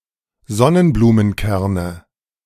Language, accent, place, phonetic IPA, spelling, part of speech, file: German, Germany, Berlin, [ˈzɔnənbluːmənˌkɛʁnə], Sonnenblumenkerne, noun, De-Sonnenblumenkerne.ogg
- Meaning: nominative/accusative/genitive plural of Sonnenblumenkern